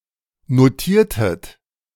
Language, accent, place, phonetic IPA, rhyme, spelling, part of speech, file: German, Germany, Berlin, [noˈtiːɐ̯tət], -iːɐ̯tət, notiertet, verb, De-notiertet.ogg
- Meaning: inflection of notieren: 1. second-person plural preterite 2. second-person plural subjunctive II